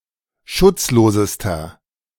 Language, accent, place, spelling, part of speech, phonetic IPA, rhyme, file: German, Germany, Berlin, schutzlosester, adjective, [ˈʃʊt͡sˌloːzəstɐ], -ʊt͡sloːzəstɐ, De-schutzlosester.ogg
- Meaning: inflection of schutzlos: 1. strong/mixed nominative masculine singular superlative degree 2. strong genitive/dative feminine singular superlative degree 3. strong genitive plural superlative degree